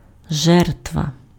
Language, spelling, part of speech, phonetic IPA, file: Ukrainian, жертва, noun, [ˈʒɛrtʋɐ], Uk-жертва.ogg
- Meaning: 1. victim 2. sacrifice